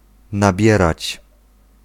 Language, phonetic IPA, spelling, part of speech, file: Polish, [naˈbʲjɛrat͡ɕ], nabierać, verb, Pl-nabierać.ogg